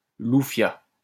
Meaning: waiter in a café
- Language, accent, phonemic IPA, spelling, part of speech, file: French, France, /lu.fja/, loufiat, noun, LL-Q150 (fra)-loufiat.wav